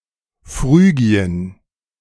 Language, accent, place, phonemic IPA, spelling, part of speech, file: German, Germany, Berlin, /ˈfʁyːɡi̯ən/, Phrygien, proper noun, De-Phrygien.ogg
- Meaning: Phrygia (a geographic region and ancient kingdom in the west central part of Asia Minor, in what is now modern-day Turkey)